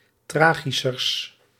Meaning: partitive of tragischer, the comparative degree of tragisch
- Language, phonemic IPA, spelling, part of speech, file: Dutch, /ˈtraːɣisərs/, tragischers, adjective, Nl-tragischers.ogg